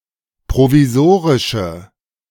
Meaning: inflection of provisorisch: 1. strong/mixed nominative/accusative feminine singular 2. strong nominative/accusative plural 3. weak nominative all-gender singular
- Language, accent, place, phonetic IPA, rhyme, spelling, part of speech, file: German, Germany, Berlin, [pʁoviˈzoːʁɪʃə], -oːʁɪʃə, provisorische, adjective, De-provisorische.ogg